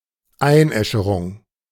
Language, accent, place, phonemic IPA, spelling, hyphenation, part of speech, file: German, Germany, Berlin, /ˈaɪ̯nˌʔɛʃəʁʊŋ/, Einäscherung, Ein‧äsche‧rung, noun, De-Einäscherung.ogg
- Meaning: cremation